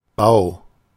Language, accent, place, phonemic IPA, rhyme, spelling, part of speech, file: German, Germany, Berlin, /baʊ̯/, -aʊ̯, Bau, noun, De-Bau.ogg
- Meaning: 1. building, construction (the act of constructing) 2. building site, construction site (place where such constructing takes place) 3. building, construction, edifice (built-up structure, house)